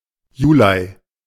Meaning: alternative form of Juli (“July”)
- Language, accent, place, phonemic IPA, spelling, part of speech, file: German, Germany, Berlin, /juˈlaɪ̯/, Julei, noun, De-Julei.ogg